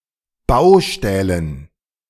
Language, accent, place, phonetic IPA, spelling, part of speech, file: German, Germany, Berlin, [ˈbaʊ̯ˌʃtɛːlən], Baustählen, noun, De-Baustählen.ogg
- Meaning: dative plural of Baustahl